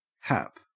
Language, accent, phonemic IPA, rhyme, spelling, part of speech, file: English, Australia, /hæp/, -æp, hap, noun / verb, En-au-hap.ogg
- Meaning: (noun) 1. A person's lot (good or bad), luck, fortune, fate 2. A stroke of good or bad luck, an occurrence or happening, especially an unexpected, random, chance, or fortuitous event